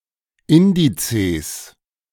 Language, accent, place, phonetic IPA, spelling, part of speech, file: German, Germany, Berlin, [ˈɪndit͡seːs], Indices, noun, De-Indices.ogg
- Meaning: plural of Index